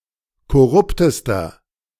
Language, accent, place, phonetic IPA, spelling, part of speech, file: German, Germany, Berlin, [kɔˈʁʊptəstɐ], korruptester, adjective, De-korruptester.ogg
- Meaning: inflection of korrupt: 1. strong/mixed nominative masculine singular superlative degree 2. strong genitive/dative feminine singular superlative degree 3. strong genitive plural superlative degree